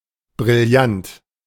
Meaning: 1. brilliant 2. A small size of type, standardized as 3 point
- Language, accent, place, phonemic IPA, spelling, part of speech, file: German, Germany, Berlin, /bʁɪlˈjant/, Brillant, noun, De-Brillant.ogg